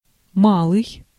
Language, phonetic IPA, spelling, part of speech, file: Russian, [ˈmaɫɨj], малый, adjective / noun, Ru-малый.ogg
- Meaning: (adjective) 1. small, little 2. short; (noun) fellow, guy, chap